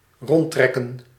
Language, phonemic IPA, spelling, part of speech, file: Dutch, /ˈrɔntrɛkə(n)/, rondtrekken, verb, Nl-rondtrekken.ogg
- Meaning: wander (move without purpose)